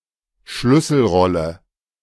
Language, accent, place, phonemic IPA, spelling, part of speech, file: German, Germany, Berlin, /ˈʃlʏsl̩ˌʁɔlə/, Schlüsselrolle, noun, De-Schlüsselrolle.ogg
- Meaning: key / pivotal role